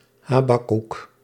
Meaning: Habakkuk
- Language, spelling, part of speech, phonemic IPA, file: Dutch, Habakuk, proper noun, /ˈhabakʏk/, Nl-Habakuk.ogg